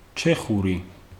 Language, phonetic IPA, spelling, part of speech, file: Georgian, [t͡ʃʰe̞χuɾi], ჩეხური, adjective / proper noun, Ka-ჩეხური.ogg
- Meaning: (adjective) Czech; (proper noun) Czech language